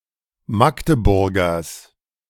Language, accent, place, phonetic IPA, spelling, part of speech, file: German, Germany, Berlin, [ˈmakdəˌbʊʁɡɐs], Magdeburgers, noun, De-Magdeburgers.ogg
- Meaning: genitive of Magdeburger